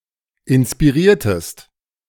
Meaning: inflection of inspirieren: 1. second-person singular preterite 2. second-person singular subjunctive II
- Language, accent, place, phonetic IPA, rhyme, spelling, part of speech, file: German, Germany, Berlin, [ɪnspiˈʁiːɐ̯təst], -iːɐ̯təst, inspiriertest, verb, De-inspiriertest.ogg